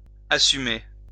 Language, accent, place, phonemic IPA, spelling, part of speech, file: French, France, Lyon, /a.sy.me/, assumer, verb, LL-Q150 (fra)-assumer.wav
- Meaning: 1. embrace; accept; own 2. assume (take on a role) 3. take responsibility 4. synonym of présumer (“to assume; to presume”)